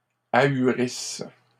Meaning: second-person singular present/imperfect subjunctive of ahurir
- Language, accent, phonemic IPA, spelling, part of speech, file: French, Canada, /a.y.ʁis/, ahurisses, verb, LL-Q150 (fra)-ahurisses.wav